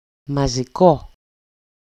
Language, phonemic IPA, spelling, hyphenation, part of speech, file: Greek, /ma.zi.ˈko/, μαζικό, μα‧ζι‧κό, adjective, EL-μαζικό.ogg
- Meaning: 1. accusative masculine singular of μαζικός (mazikós) 2. nominative/accusative/vocative neuter singular of μαζικός (mazikós)